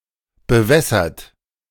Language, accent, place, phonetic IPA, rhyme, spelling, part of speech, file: German, Germany, Berlin, [bəˈvɛsɐt], -ɛsɐt, bewässert, adjective / verb, De-bewässert.ogg
- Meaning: 1. past participle of bewässern 2. inflection of bewässern: third-person singular present 3. inflection of bewässern: second-person plural present 4. inflection of bewässern: plural imperative